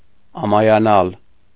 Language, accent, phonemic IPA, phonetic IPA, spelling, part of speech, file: Armenian, Eastern Armenian, /ɑmɑjɑˈnɑl/, [ɑmɑjɑnɑ́l], ամայանալ, verb, Hy-ամայանալ.ogg
- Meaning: 1. to become deserted, uninhabited 2. to become evacuated, vacated 3. to become empty, meaningless, devoid